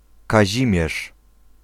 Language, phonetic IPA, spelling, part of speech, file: Polish, [kaˈʑĩmʲjɛʃ], Kazimierz, proper noun, Pl-Kazimierz.ogg